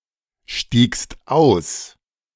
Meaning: second-person singular preterite of aussteigen
- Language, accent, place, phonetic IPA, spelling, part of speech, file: German, Germany, Berlin, [ˌʃtiːkst ˈaʊ̯s], stiegst aus, verb, De-stiegst aus.ogg